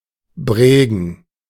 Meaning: 1. (animal) brain 2. head
- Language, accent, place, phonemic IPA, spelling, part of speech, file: German, Germany, Berlin, /ˈbreːɡən/, Bregen, noun, De-Bregen.ogg